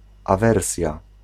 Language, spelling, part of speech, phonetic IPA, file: Polish, awersja, noun, [aˈvɛrsʲja], Pl-awersja.ogg